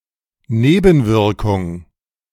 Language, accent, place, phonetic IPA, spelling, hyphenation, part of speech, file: German, Germany, Berlin, [ˈneːbn̩ˌvɪʁkʊŋ], Nebenwirkung, Ne‧ben‧wir‧kung, noun, De-Nebenwirkung.ogg
- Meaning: 1. side effect 2. side effect, adverse effect